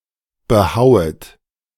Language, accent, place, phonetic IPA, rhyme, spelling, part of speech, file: German, Germany, Berlin, [bəˈhaʊ̯ət], -aʊ̯ət, behauet, verb, De-behauet.ogg
- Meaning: second-person plural subjunctive I of behauen